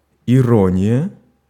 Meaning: irony
- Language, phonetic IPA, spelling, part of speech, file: Russian, [ɪˈronʲɪjə], ирония, noun, Ru-ирония.ogg